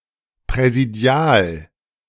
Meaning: presidential (pertaining to a president)
- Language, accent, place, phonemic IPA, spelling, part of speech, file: German, Germany, Berlin, /pʁɛziˈdi̯aːl/, präsidial, adjective, De-präsidial.ogg